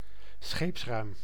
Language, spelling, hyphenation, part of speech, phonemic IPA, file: Dutch, scheepsruim, scheeps‧ruim, noun, /ˈsxeːps.rœy̯m/, Nl-scheepsruim.ogg
- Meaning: cargo hold of a ship